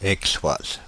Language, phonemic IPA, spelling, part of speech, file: French, /ɛk.swaz/, Aixoise, noun, Fr-Aixoise.ogg
- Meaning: female equivalent of Aixois